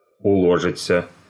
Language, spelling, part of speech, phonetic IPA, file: Russian, уложиться, verb, [ʊɫɐˈʐɨt͡sːə], Ru-уло́житься.ogg
- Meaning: 1. to pack (up), to be packing (up), to be packing one's things 2. to go (in, into) 3. to keep (within), to confine oneself (to) 4. passive of уложи́ть (uložítʹ)